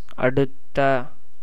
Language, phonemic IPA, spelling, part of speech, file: Tamil, /ɐɖʊt̪ːɐ/, அடுத்த, adjective / verb, Ta-அடுத்த.ogg
- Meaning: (adjective) 1. next, upcoming 2. proximate, adjacent; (verb) past adjectival participle of அடு (aṭu)